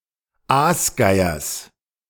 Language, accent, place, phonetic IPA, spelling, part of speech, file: German, Germany, Berlin, [ˈaːsˌɡaɪ̯ɐs], Aasgeiers, noun, De-Aasgeiers.ogg
- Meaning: genitive of Aasgeier